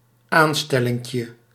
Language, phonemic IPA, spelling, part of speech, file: Dutch, /ˈanstɛlɪŋkjə/, aanstellinkje, noun, Nl-aanstellinkje.ogg
- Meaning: diminutive of aanstelling